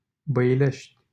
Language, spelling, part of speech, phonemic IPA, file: Romanian, Băilești, proper noun, /bə.iˈleʃtʲ/, LL-Q7913 (ron)-Băilești.wav
- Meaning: a city in Dolj County, Romania